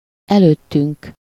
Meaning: first-person plural of előtte
- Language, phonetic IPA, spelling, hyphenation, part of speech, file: Hungarian, [ˈɛløːtːyŋk], előttünk, előt‧tünk, pronoun, Hu-előttünk.ogg